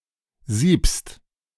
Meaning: second-person singular present of sieben
- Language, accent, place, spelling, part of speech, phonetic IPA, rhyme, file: German, Germany, Berlin, siebst, verb, [ziːpst], -iːpst, De-siebst.ogg